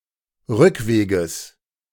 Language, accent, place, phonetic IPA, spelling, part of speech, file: German, Germany, Berlin, [ˈʁʏkˌveːɡəs], Rückweges, noun, De-Rückweges.ogg
- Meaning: genitive singular of Rückweg